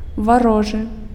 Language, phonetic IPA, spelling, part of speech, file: Belarusian, [vaˈroʐɨ], варожы, adjective, Be-варожы.ogg
- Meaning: enemy